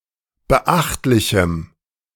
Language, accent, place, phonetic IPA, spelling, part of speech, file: German, Germany, Berlin, [bəˈʔaxtlɪçm̩], beachtlichem, adjective, De-beachtlichem.ogg
- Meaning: strong dative masculine/neuter singular of beachtlich